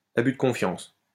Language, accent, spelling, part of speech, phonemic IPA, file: French, France, abus de confiance, noun, /a.by d(ə) kɔ̃.fjɑ̃s/, LL-Q150 (fra)-abus de confiance.wav
- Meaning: breach of trust; con game; embezzlement